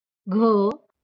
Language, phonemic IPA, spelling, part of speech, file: Marathi, /ɡʱə/, घ, character, LL-Q1571 (mar)-घ.wav
- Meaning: The fourth consonant in Marathi